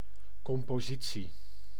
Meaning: 1. the composition (general) makeup of something, notably in terms of components such as ingredients; especially a (metallic) alloy 2. a musical composition, piece written by a composer
- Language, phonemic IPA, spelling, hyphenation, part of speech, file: Dutch, /kɔm.poːˈzi.(t)si/, compositie, com‧po‧si‧tie, noun, Nl-compositie.ogg